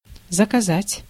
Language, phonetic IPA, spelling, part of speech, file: Russian, [zəkɐˈzatʲ], заказать, verb, Ru-заказать.ogg
- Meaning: 1. to order, to place an order 2. to forbid, to prohibit, to ban 3. to order the murder of